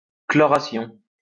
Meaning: chlorination (all senses)
- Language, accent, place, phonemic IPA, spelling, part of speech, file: French, France, Lyon, /klɔ.ʁa.sjɔ̃/, chloration, noun, LL-Q150 (fra)-chloration.wav